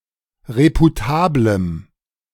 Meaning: strong dative masculine/neuter singular of reputabel
- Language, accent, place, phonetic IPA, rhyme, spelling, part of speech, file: German, Germany, Berlin, [ˌʁepuˈtaːbləm], -aːbləm, reputablem, adjective, De-reputablem.ogg